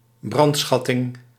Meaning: the extortionate exaction of loot or tribute under threat of plunder, arson and razing
- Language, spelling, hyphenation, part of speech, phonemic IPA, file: Dutch, brandschatting, brand‧schat‧ting, verb, /ˈbrɑntˌsxɑ.tɪŋ/, Nl-brandschatting.ogg